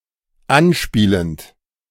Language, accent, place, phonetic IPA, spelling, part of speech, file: German, Germany, Berlin, [ˈanˌʃpiːlənt], anspielend, verb, De-anspielend.ogg
- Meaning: present participle of anspielen